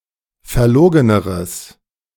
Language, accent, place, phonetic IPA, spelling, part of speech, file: German, Germany, Berlin, [fɛɐ̯ˈloːɡənəʁəs], verlogeneres, adjective, De-verlogeneres.ogg
- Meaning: strong/mixed nominative/accusative neuter singular comparative degree of verlogen